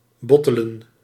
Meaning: to bottle, to put (a liquid) inside a bottle
- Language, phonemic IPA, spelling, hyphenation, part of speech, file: Dutch, /ˈbɔtələ(n)/, bottelen, bot‧te‧len, verb, Nl-bottelen.ogg